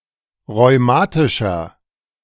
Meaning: inflection of rheumatisch: 1. strong/mixed nominative masculine singular 2. strong genitive/dative feminine singular 3. strong genitive plural
- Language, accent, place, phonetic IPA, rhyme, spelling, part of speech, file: German, Germany, Berlin, [ʁɔɪ̯ˈmaːtɪʃɐ], -aːtɪʃɐ, rheumatischer, adjective, De-rheumatischer.ogg